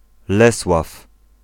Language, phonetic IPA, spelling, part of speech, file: Polish, [ˈlɛswaf], Lesław, proper noun, Pl-Lesław.ogg